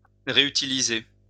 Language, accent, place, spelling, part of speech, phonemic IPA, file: French, France, Lyon, réutiliser, verb, /ʁe.y.ti.li.ze/, LL-Q150 (fra)-réutiliser.wav
- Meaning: to reuse, to reutilize